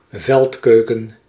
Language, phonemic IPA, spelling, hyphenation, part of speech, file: Dutch, /ˈvɛltˌkøː.kə(n)/, veldkeuken, veld‧keu‧ken, noun, Nl-veldkeuken.ogg
- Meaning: a field kitchen